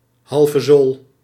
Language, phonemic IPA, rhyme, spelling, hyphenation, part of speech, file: Dutch, /ˌɦɑl.vəˈzoːl/, -oːl, halvezool, hal‧ve‧zool, noun, Nl-halvezool.ogg
- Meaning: a moron, an idiot